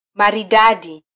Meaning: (noun) smartness (being fashionable or fine); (adjective) stylish, modern, elegant
- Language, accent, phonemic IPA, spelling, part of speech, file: Swahili, Kenya, /mɑ.ɾiˈɗɑ.ɗi/, maridadi, noun / adjective, Sw-ke-maridadi.flac